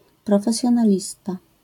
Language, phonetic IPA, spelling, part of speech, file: Polish, [ˌprɔfɛsʲjɔ̃naˈlʲista], profesjonalista, noun, LL-Q809 (pol)-profesjonalista.wav